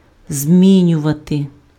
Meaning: to change, to alter, to modify
- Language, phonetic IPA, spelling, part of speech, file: Ukrainian, [ˈzʲmʲinʲʊʋɐte], змінювати, verb, Uk-змінювати.ogg